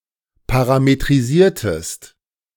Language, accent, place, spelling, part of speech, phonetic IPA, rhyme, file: German, Germany, Berlin, parametrisiertest, verb, [ˌpaʁametʁiˈziːɐ̯təst], -iːɐ̯təst, De-parametrisiertest.ogg
- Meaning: inflection of parametrisieren: 1. second-person singular preterite 2. second-person singular subjunctive II